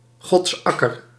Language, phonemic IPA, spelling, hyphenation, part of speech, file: Dutch, /ˈɣɔtsˌɑ.kər/, godsakker, gods‧ak‧ker, noun, Nl-godsakker.ogg
- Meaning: God's acre